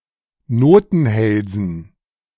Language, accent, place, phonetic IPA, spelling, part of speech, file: German, Germany, Berlin, [ˈnoːtn̩ˌhɛlzn̩], Notenhälsen, noun, De-Notenhälsen.ogg
- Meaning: dative plural of Notenhals